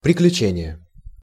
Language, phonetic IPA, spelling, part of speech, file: Russian, [prʲɪklʲʉˈt͡ɕenʲɪje], приключение, noun, Ru-приключение.ogg
- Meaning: adventure (that which happens without design)